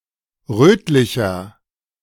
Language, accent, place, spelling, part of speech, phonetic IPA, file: German, Germany, Berlin, rötlicher, adjective, [ˈrøːtlɪçɐ], De-rötlicher.ogg
- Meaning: 1. comparative degree of rötlich 2. inflection of rötlich: strong/mixed nominative masculine singular 3. inflection of rötlich: strong genitive/dative feminine singular